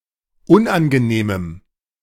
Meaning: strong dative masculine/neuter singular of unangenehm
- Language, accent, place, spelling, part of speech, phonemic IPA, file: German, Germany, Berlin, unangenehmem, adjective, /ˈʊnʔanɡəˌneːməm/, De-unangenehmem.ogg